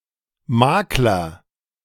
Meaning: 1. broker, agent, middleman, negotiator 2. realtor, real estate agent, estate agent
- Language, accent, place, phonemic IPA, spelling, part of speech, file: German, Germany, Berlin, /ˈmaːklɐ/, Makler, noun, De-Makler.ogg